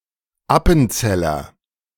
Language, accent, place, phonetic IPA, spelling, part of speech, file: German, Germany, Berlin, [ˈapn̩ˌt͡sɛlɐ], Appenzeller, noun, De-Appenzeller.ogg
- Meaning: 1. person from Appenzell (village in Switzerland) 2. appenzeller (cheese)